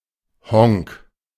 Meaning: moron (stupid person)
- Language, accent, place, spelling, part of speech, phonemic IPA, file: German, Germany, Berlin, Honk, noun, /hɔŋk/, De-Honk.ogg